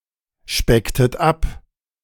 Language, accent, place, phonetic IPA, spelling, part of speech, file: German, Germany, Berlin, [ˌʃpɛktət ˈap], specktet ab, verb, De-specktet ab.ogg
- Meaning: inflection of abspecken: 1. second-person plural preterite 2. second-person plural subjunctive II